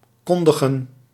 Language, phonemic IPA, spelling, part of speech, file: Dutch, /ˈkɔn.də.ɣə(n)/, kondigen, verb, Nl-kondigen.ogg
- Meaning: to announce, to make known